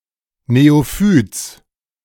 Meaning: genitive of Neophyt
- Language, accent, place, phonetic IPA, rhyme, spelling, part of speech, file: German, Germany, Berlin, [neoˈfyːt͡s], -yːt͡s, Neophyts, noun, De-Neophyts.ogg